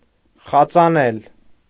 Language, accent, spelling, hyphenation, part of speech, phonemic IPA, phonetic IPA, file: Armenian, Eastern Armenian, խածանել, խա‧ծա‧նել, verb, /χɑt͡sɑˈnel/, [χɑt͡sɑnél], Hy-խածանել.ogg
- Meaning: alternative form of խածել (xacel)